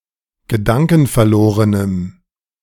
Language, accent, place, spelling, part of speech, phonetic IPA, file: German, Germany, Berlin, gedankenverlorenem, adjective, [ɡəˈdaŋkn̩fɛɐ̯ˌloːʁənəm], De-gedankenverlorenem.ogg
- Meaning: strong dative masculine/neuter singular of gedankenverloren